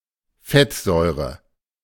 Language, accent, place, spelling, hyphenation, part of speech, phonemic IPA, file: German, Germany, Berlin, Fettsäure, Fett‧säu‧re, noun, /ˈfɛtˌzɔʏ̯ʁə/, De-Fettsäure.ogg
- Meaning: fatty acid